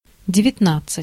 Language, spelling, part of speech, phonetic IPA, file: Russian, девятнадцать, numeral, [dʲɪvʲɪtˈnat͡s(ː)ɨtʲ], Ru-девятнадцать.ogg
- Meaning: nineteen (19)